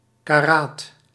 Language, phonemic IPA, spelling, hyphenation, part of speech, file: Dutch, /kaˈrat/, karaat, ka‧raat, noun, Nl-karaat.ogg
- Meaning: 1. carat (unit of weight) 2. carat (measure of purity of gold)